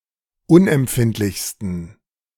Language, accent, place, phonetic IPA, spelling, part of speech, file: German, Germany, Berlin, [ˈʊnʔɛmˌpfɪntlɪçstn̩], unempfindlichsten, adjective, De-unempfindlichsten.ogg
- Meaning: 1. superlative degree of unempfindlich 2. inflection of unempfindlich: strong genitive masculine/neuter singular superlative degree